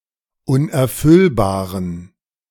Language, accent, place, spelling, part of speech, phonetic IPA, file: German, Germany, Berlin, unerfüllbaren, adjective, [ˌʊnʔɛɐ̯ˈfʏlbaːʁən], De-unerfüllbaren.ogg
- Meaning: inflection of unerfüllbar: 1. strong genitive masculine/neuter singular 2. weak/mixed genitive/dative all-gender singular 3. strong/weak/mixed accusative masculine singular 4. strong dative plural